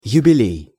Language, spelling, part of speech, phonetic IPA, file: Russian, юбилей, noun, [jʉbʲɪˈlʲej], Ru-юбилей.ogg
- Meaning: jubilee, anniversary